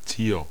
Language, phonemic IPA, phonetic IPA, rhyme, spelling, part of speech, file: German, /tiːr/, [tʰiːɐ̯], -iːɐ̯, Tier, noun, De-Tier.ogg
- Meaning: 1. animal (see usage notes below) 2. A person who has a quality thought of as animalistic, such as ferocity, strength, hairiness, etc 3. hind (female red deer)